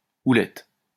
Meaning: 1. crook, shepherd's staff 2. leadership, wing, guidance
- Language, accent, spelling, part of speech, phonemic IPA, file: French, France, houlette, noun, /u.lɛt/, LL-Q150 (fra)-houlette.wav